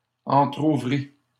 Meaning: first/second-person singular past historic of entrouvrir
- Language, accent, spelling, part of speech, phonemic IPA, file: French, Canada, entrouvris, verb, /ɑ̃.tʁu.vʁi/, LL-Q150 (fra)-entrouvris.wav